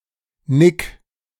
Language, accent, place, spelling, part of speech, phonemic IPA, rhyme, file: German, Germany, Berlin, nick, verb, /nɪk/, -ɪk, De-nick.ogg
- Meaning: 1. singular imperative of nicken 2. first-person singular present of nicken